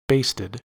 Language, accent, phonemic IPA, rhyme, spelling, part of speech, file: English, US, /ˈbeɪstɪd/, -eɪstɪd, basted, verb / adjective, En-us-basted.ogg
- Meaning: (verb) simple past and past participle of baste; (adjective) Having been cooked by basting